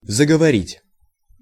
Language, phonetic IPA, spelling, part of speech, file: Russian, [zəɡəvɐˈrʲitʲ], заговорить, verb, Ru-заговорить.ogg
- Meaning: 1. to begin to speak 2. to talk someone's ear off (tire someone out by one's talk) 3. to exorcise, to bewitch, to charm, to cast a spell, to enchant